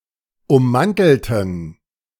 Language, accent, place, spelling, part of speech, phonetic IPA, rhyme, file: German, Germany, Berlin, ummantelten, adjective / verb, [ʊmˈmantl̩tn̩], -antl̩tn̩, De-ummantelten.ogg
- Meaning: inflection of ummantelt: 1. strong genitive masculine/neuter singular 2. weak/mixed genitive/dative all-gender singular 3. strong/weak/mixed accusative masculine singular 4. strong dative plural